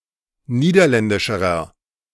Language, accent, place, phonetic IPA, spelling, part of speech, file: German, Germany, Berlin, [ˈniːdɐˌlɛndɪʃəʁɐ], niederländischerer, adjective, De-niederländischerer.ogg
- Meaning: inflection of niederländisch: 1. strong/mixed nominative masculine singular comparative degree 2. strong genitive/dative feminine singular comparative degree